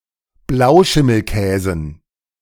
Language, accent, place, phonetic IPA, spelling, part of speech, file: German, Germany, Berlin, [ˈblaʊ̯ʃɪml̩ˌkɛːzn̩], Blauschimmelkäsen, noun, De-Blauschimmelkäsen.ogg
- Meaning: dative plural of Blauschimmelkäse